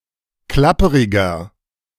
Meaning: 1. comparative degree of klapperig 2. inflection of klapperig: strong/mixed nominative masculine singular 3. inflection of klapperig: strong genitive/dative feminine singular
- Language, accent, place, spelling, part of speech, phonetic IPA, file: German, Germany, Berlin, klapperiger, adjective, [ˈklapəʁɪɡɐ], De-klapperiger.ogg